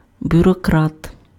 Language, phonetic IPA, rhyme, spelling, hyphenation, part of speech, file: Ukrainian, [bʲʊrɔˈkrat], -at, бюрократ, бю‧ро‧крат, noun, Uk-бюрократ.ogg
- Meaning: bureaucrat